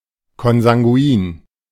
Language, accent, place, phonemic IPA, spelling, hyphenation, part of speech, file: German, Germany, Berlin, /kɔnzaŋˈɡu̯iːn/, konsanguin, kon‧san‧guin, adjective, De-konsanguin.ogg
- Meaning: consanguineous